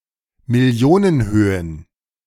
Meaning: plural of Millionenhöhe
- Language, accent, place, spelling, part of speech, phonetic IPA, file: German, Germany, Berlin, Millionenhöhen, noun, [mɪˈli̯oːnənˌhøːən], De-Millionenhöhen.ogg